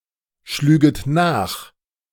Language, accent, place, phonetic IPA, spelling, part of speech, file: German, Germany, Berlin, [ˌʃlyːɡət ˈnaːx], schlüget nach, verb, De-schlüget nach.ogg
- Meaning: second-person plural subjunctive II of nachschlagen